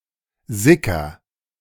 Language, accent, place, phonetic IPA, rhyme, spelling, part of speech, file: German, Germany, Berlin, [ˈzɪkɐ], -ɪkɐ, sicker, verb, De-sicker.ogg
- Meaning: inflection of sickern: 1. first-person singular present 2. singular imperative